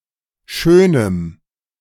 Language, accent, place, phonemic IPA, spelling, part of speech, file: German, Germany, Berlin, /ˈʃøːnəm/, schönem, adjective, De-schönem.ogg
- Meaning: strong dative masculine/neuter singular of schön